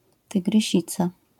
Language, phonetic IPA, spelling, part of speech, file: Polish, [ˌtɨɡrɨˈɕit͡sa], tygrysica, noun, LL-Q809 (pol)-tygrysica.wav